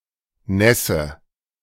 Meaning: wetness
- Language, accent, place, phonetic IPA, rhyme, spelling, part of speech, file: German, Germany, Berlin, [ˈnɛsə], -ɛsə, Nässe, noun, De-Nässe.ogg